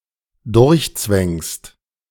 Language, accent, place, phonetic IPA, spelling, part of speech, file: German, Germany, Berlin, [ˈdʊʁçˌt͡svɛŋst], durchzwängst, verb, De-durchzwängst.ogg
- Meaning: second-person singular dependent present of durchzwängen